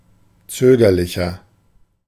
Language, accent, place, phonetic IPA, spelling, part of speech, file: German, Germany, Berlin, [ˈt͡søːɡɐlɪçɐ], zögerlicher, adjective, De-zögerlicher.ogg
- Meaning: 1. comparative degree of zögerlich 2. inflection of zögerlich: strong/mixed nominative masculine singular 3. inflection of zögerlich: strong genitive/dative feminine singular